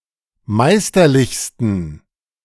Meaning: 1. superlative degree of meisterlich 2. inflection of meisterlich: strong genitive masculine/neuter singular superlative degree
- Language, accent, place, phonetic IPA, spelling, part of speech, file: German, Germany, Berlin, [ˈmaɪ̯stɐˌlɪçstn̩], meisterlichsten, adjective, De-meisterlichsten.ogg